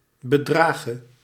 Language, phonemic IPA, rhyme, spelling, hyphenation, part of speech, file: Dutch, /bəˈdraː.ɣə/, -aːɣə, bedrage, be‧dra‧ge, verb / noun, Nl-bedrage.ogg
- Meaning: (verb) singular present subjunctive of bedragen; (noun) dative singular of bedrag